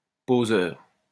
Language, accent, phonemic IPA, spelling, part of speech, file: French, France, /po.zœʁ/, poseur, noun / adjective, LL-Q150 (fra)-poseur.wav
- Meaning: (noun) poseur; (adjective) pompous, affected